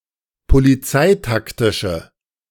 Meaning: inflection of polizeitaktisch: 1. strong/mixed nominative/accusative feminine singular 2. strong nominative/accusative plural 3. weak nominative all-gender singular
- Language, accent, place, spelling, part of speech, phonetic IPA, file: German, Germany, Berlin, polizeitaktische, adjective, [poliˈt͡saɪ̯takˌtɪʃə], De-polizeitaktische.ogg